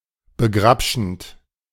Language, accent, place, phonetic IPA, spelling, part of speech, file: German, Germany, Berlin, [bəˈɡʁapʃn̩t], begrabschend, verb, De-begrabschend.ogg
- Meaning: present participle of begrabschen